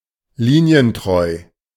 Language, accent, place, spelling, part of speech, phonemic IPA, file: German, Germany, Berlin, linientreu, adjective, /ˈliːni̯ənˌtʁɔɪ̯/, De-linientreu.ogg
- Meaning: orthodox (adhering to an ideology or the party line)